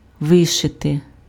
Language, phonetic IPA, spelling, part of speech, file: Ukrainian, [ˈʋɪʃete], вишити, verb, Uk-вишити.ogg
- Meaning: to embroider